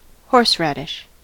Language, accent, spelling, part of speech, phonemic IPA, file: English, US, horseradish, noun, /ˈhɔɹsɹædɪʃ/, En-us-horseradish.ogg
- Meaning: 1. A plant of the mustard family, Armoracia rusticana, cultivated for its edible root 2. A pungent condiment made from the root of the plant 3. Nonsense